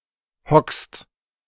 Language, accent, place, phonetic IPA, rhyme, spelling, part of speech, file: German, Germany, Berlin, [hɔkst], -ɔkst, hockst, verb, De-hockst.ogg
- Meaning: second-person singular present of hocken